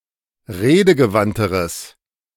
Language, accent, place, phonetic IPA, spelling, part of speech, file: German, Germany, Berlin, [ˈʁeːdəɡəˌvantəʁəs], redegewandteres, adjective, De-redegewandteres.ogg
- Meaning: strong/mixed nominative/accusative neuter singular comparative degree of redegewandt